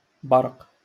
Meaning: lightning
- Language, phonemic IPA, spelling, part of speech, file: Moroccan Arabic, /barq/, برق, noun, LL-Q56426 (ary)-برق.wav